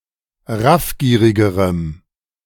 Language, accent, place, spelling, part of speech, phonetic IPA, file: German, Germany, Berlin, raffgierigerem, adjective, [ˈʁafˌɡiːʁɪɡəʁəm], De-raffgierigerem.ogg
- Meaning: strong dative masculine/neuter singular comparative degree of raffgierig